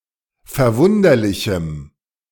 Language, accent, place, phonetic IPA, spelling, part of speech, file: German, Germany, Berlin, [fɛɐ̯ˈvʊndɐlɪçm̩], verwunderlichem, adjective, De-verwunderlichem.ogg
- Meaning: strong dative masculine/neuter singular of verwunderlich